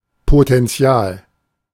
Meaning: potential
- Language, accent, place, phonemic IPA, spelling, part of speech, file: German, Germany, Berlin, /potɛnˈtsi̯aːl/, Potenzial, noun, De-Potenzial.ogg